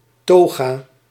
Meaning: 1. a toga, an outer garment worn by Roman patrician men 2. a gown worn by academics, Christian priests or ministers, and certain members of the legal profession
- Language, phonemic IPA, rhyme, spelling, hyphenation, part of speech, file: Dutch, /ˈtoː.ɣaː/, -oːɣaː, toga, to‧ga, noun, Nl-toga.ogg